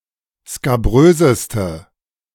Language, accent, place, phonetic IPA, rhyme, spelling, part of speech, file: German, Germany, Berlin, [skaˈbʁøːzəstə], -øːzəstə, skabröseste, adjective, De-skabröseste.ogg
- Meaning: inflection of skabrös: 1. strong/mixed nominative/accusative feminine singular superlative degree 2. strong nominative/accusative plural superlative degree